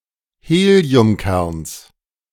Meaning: genitive singular of Heliumkern
- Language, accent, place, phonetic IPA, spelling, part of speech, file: German, Germany, Berlin, [ˈheːli̯ʊmˌkɛʁns], Heliumkerns, noun, De-Heliumkerns.ogg